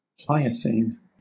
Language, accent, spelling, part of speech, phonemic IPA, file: English, Southern England, Pliocene, adjective / proper noun, /ˈplaɪəsiːn/, LL-Q1860 (eng)-Pliocene.wav
- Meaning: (adjective) Of a geologic epoch within the Neogene period from about 5.3 to 1.7 million years ago; marked by the appearance of humanity's first ancestors; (proper noun) The Pliocene epoch